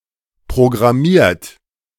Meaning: 1. past participle of programmieren 2. inflection of programmieren: third-person singular present 3. inflection of programmieren: second-person plural present
- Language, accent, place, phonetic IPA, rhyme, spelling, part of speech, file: German, Germany, Berlin, [pʁoɡʁaˈmiːɐ̯t], -iːɐ̯t, programmiert, verb, De-programmiert.ogg